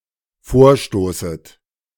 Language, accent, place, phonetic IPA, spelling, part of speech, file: German, Germany, Berlin, [ˈfoːɐ̯ˌʃtoːsət], vorstoßet, verb, De-vorstoßet.ogg
- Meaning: second-person plural dependent subjunctive I of vorstoßen